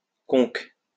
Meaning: conch (the mollusk)
- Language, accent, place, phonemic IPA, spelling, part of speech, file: French, France, Lyon, /kɔ̃k/, conque, noun, LL-Q150 (fra)-conque.wav